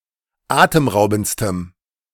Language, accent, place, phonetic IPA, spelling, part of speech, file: German, Germany, Berlin, [ˈaːtəmˌʁaʊ̯bn̩t͡stəm], atemraubendstem, adjective, De-atemraubendstem.ogg
- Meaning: strong dative masculine/neuter singular superlative degree of atemraubend